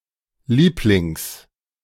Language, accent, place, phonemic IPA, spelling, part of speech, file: German, Germany, Berlin, /ˈliːplɪŋs/, Lieblings, noun, De-Lieblings.ogg
- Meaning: 1. genitive singular of Liebling 2. favourite (UK), favorite (US)